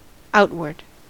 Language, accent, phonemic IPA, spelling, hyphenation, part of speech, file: English, US, /ˈaʊt.wɚd/, outward, out‧ward, adjective / adverb, En-us-outward.ogg
- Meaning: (adjective) 1. Outer; located towards the outside 2. Visible, noticeable 3. Tending to the exterior or outside 4. Foreign; not civil or intestine; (adverb) Towards the outside; away from the centre